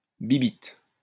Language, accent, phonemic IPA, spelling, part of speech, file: French, France, /bi.bit/, bibitte, noun, LL-Q150 (fra)-bibitte.wav
- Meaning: 1. bug, critter 2. penis, dick, cock